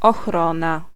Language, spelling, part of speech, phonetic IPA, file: Polish, ochrona, noun, [ɔxˈrɔ̃na], Pl-ochrona.ogg